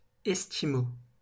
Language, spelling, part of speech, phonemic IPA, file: French, esquimaux, adjective, /ɛs.ki.mo/, LL-Q150 (fra)-esquimaux.wav
- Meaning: masculine plural of esquimau